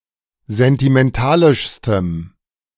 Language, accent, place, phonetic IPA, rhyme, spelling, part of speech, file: German, Germany, Berlin, [zɛntimɛnˈtaːlɪʃstəm], -aːlɪʃstəm, sentimentalischstem, adjective, De-sentimentalischstem.ogg
- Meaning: strong dative masculine/neuter singular superlative degree of sentimentalisch